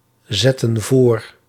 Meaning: inflection of voorzetten: 1. plural present/past indicative 2. plural present/past subjunctive
- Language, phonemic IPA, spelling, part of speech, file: Dutch, /ˈzɛtə(n) ˈvor/, zetten voor, verb, Nl-zetten voor.ogg